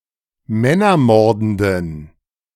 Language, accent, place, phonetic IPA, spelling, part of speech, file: German, Germany, Berlin, [ˈmɛnɐˌmɔʁdn̩dən], männermordenden, adjective, De-männermordenden.ogg
- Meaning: inflection of männermordend: 1. strong genitive masculine/neuter singular 2. weak/mixed genitive/dative all-gender singular 3. strong/weak/mixed accusative masculine singular 4. strong dative plural